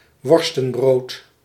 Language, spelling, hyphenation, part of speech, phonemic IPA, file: Dutch, worstenbrood, wor‧sten‧brood, noun, /ˈʋɔrstə(n)ˌbroːt/, Nl-worstenbrood.ogg
- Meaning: hot dog (sausage in a bread roll)